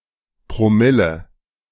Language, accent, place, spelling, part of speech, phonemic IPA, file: German, Germany, Berlin, Promille, noun, /pʁoˈmɪlə/, De-Promille.ogg
- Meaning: permille